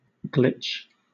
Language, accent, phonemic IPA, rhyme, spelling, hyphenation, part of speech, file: English, Southern England, /ˈɡlɪt͡ʃ/, -ɪtʃ, glitch, glitch, noun / verb, LL-Q1860 (eng)-glitch.wav
- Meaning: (noun) 1. A problem affecting function 2. An unexpected behavior in an electrical signal, especially if the signal spontaneously returns to expected behavior after a period of time